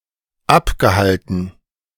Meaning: past participle of abhalten
- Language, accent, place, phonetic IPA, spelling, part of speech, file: German, Germany, Berlin, [ˈapɡəˌhaltn̩], abgehalten, verb, De-abgehalten.ogg